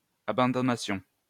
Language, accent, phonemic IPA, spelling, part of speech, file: French, France, /a.bɑ̃.dɔ.na.sjɔ̃/, abandonnassions, verb, LL-Q150 (fra)-abandonnassions.wav
- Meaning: first-person plural imperfect subjunctive of abandonner